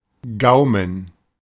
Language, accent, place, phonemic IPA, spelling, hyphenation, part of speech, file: German, Germany, Berlin, /ˈɡaʊ̯mən/, Gaumen, Gau‧men, noun, De-Gaumen.ogg
- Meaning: 1. palate (roof of the mouth) 2. the sense of taste 3. oral cavity